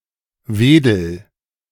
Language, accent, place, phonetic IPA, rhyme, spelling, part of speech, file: German, Germany, Berlin, [ˈveːdl̩], -eːdl̩, wedel, verb, De-wedel.ogg
- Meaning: inflection of wedeln: 1. first-person singular present 2. singular imperative